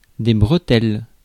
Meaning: plural of bretelle
- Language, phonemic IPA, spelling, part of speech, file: French, /bʁə.tɛl/, bretelles, noun, Fr-bretelles.ogg